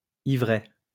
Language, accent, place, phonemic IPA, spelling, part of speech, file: French, France, Lyon, /i.vʁɛ/, ivraie, noun, LL-Q150 (fra)-ivraie.wav
- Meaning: 1. ryegrass (Lolium) 2. darnel, cockle (Lolium temulentum)